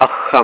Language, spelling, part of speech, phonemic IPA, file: Tamil, அஃகம், noun, /əʰɦam/, Ta-அஃகம்.ogg
- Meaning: 1. grain 2. spring water 3. course of action 4. latitude